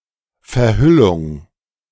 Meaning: veiling
- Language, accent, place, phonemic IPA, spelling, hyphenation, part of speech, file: German, Germany, Berlin, /fɛɐ̯ˈhʏlʊŋ/, Verhüllung, Ver‧hül‧lung, noun, De-Verhüllung.ogg